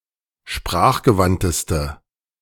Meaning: inflection of sprachgewandt: 1. strong/mixed nominative/accusative feminine singular superlative degree 2. strong nominative/accusative plural superlative degree
- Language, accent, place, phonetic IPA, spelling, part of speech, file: German, Germany, Berlin, [ˈʃpʁaːxɡəˌvantəstə], sprachgewandteste, adjective, De-sprachgewandteste.ogg